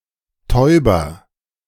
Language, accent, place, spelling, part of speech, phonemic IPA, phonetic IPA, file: German, Germany, Berlin, Täuber, noun, /ˈtɔʏ̯.bər/, [ˈtʰɔʏ̯.bɐ], De-Täuber.ogg
- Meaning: male pigeon or dove (cock pigeon, cock-pigeon, he-pigeon, cock dove, cock-dove, he-dove)